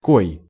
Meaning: how, which, who, what
- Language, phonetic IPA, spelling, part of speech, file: Russian, [koj], кой, determiner, Ru-кой.ogg